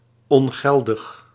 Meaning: invalid, void
- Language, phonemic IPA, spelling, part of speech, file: Dutch, /ɔŋˈɣɛldəx/, ongeldig, adjective, Nl-ongeldig.ogg